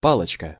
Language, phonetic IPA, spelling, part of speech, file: Russian, [ˈpaɫət͡ɕkə], палочка, noun, Ru-палочка.ogg
- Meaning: 1. diminutive of па́лка (pálka): (small) stick 2. baton 3. drumstick 4. wand 5. chopstick 6. bacillus 7. rod (eye cell) 8. palochka, the Caucasian Cyrillic letter Ӏ/ӏ